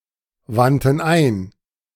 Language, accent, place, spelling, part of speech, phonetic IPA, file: German, Germany, Berlin, wandten ein, verb, [ˌvantn̩ ˈaɪ̯n], De-wandten ein.ogg
- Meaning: first/third-person plural preterite of einwenden